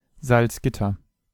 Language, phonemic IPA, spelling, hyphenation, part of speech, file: German, /zalt͡sˈɡɪtɐ/, Salzgitter, Salz‧git‧ter, proper noun, De-Salzgitter.ogg
- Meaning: Salzgitter (an independent city in Lower Saxony, Germany)